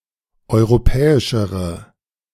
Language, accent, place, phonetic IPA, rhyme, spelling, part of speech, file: German, Germany, Berlin, [ˌɔɪ̯ʁoˈpɛːɪʃəʁə], -ɛːɪʃəʁə, europäischere, adjective, De-europäischere.ogg
- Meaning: inflection of europäisch: 1. strong/mixed nominative/accusative feminine singular comparative degree 2. strong nominative/accusative plural comparative degree